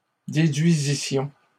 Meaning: first-person plural imperfect subjunctive of déduire
- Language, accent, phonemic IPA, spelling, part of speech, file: French, Canada, /de.dɥi.zi.sjɔ̃/, déduisissions, verb, LL-Q150 (fra)-déduisissions.wav